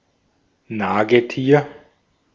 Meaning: rodent
- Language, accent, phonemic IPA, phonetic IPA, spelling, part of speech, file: German, Austria, /ˈnaːɡəˌtiːr/, [ˈnaːɡəˌti(ː)ɐ̯], Nagetier, noun, De-at-Nagetier.ogg